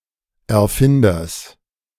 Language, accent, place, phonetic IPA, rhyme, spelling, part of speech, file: German, Germany, Berlin, [ɛɐ̯ˈfɪndɐs], -ɪndɐs, Erfinders, noun, De-Erfinders.ogg
- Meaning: genitive singular of Erfinder